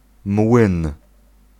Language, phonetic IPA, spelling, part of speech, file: Polish, [mwɨ̃n], młyn, noun, Pl-młyn.ogg